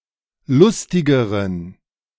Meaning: inflection of lustig: 1. strong genitive masculine/neuter singular comparative degree 2. weak/mixed genitive/dative all-gender singular comparative degree
- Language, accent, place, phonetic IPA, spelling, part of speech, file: German, Germany, Berlin, [ˈlʊstɪɡəʁən], lustigeren, adjective, De-lustigeren.ogg